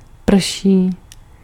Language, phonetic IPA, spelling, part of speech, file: Czech, [ˈpr̩ʃiː], prší, noun / verb, Cs-prší.ogg
- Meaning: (noun) Mau Mau (card game); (verb) third-person singular present of pršet